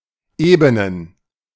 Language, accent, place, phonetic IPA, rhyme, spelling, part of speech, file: German, Germany, Berlin, [ˈeːbənən], -eːbənən, Ebenen, noun, De-Ebenen.ogg
- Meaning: plural of Ebene